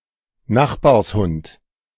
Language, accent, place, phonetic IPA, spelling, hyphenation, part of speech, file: German, Germany, Berlin, [ˈnaχbaːɐ̯sˌhʊnt], Nachbarshund, Nach‧bars‧hund, noun, De-Nachbarshund.ogg
- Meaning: neighbour's dog